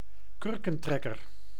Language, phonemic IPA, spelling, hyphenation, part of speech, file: Dutch, /ˈkʏr.kə(n)ˌtrɛ.kər/, kurkentrekker, kur‧ken‧trek‧ker, noun, Nl-kurkentrekker.ogg
- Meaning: 1. corkscrew, implement for removing a sealing cork 2. corkscrew (inversion used in rollercoasters)